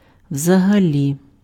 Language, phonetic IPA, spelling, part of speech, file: Ukrainian, [wzɐɦɐˈlʲi], взагалі, adverb, Uk-взагалі.ogg
- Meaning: 1. generally, in general, on the whole 2. at all (used in negative and interrogative senses)